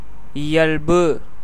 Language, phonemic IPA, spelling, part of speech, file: Tamil, /ɪjɐlbɯ/, இயல்பு, noun, Ta-இயல்பு.ogg
- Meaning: 1. nature, property, quality, character, innate tendency 2. naturalness 3. proper behaviour, good conduct 4. prescribed code of conduct 5. circumstances, account